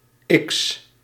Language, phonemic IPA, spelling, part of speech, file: Dutch, /ɪks/, X, character, Nl-X.ogg
- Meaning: The twenty-fourth letter of the Dutch alphabet, written in the Latin script